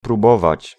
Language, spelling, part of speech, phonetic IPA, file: Polish, próbować, verb, [pruˈbɔvat͡ɕ], Pl-próbować.ogg